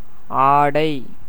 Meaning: 1. cloth, clothing, dress, garment 2. cream, scum
- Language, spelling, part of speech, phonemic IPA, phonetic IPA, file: Tamil, ஆடை, noun, /ɑːɖɐɪ̯/, [äːɖɐɪ̯], Ta-ஆடை.ogg